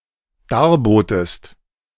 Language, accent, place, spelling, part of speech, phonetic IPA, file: German, Germany, Berlin, darbotest, verb, [ˈdaːɐ̯ˌboːtəst], De-darbotest.ogg
- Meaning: second-person singular dependent preterite of darbieten